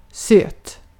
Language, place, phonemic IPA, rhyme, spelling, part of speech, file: Swedish, Gotland, /søːt/, -øːt, söt, adjective, Sv-söt.ogg
- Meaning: 1. sweet (of the taste of sugar) 2. cute (in appearance) 3. cute, sweet (of behavior or an act or the like) 4. fresh (not salty)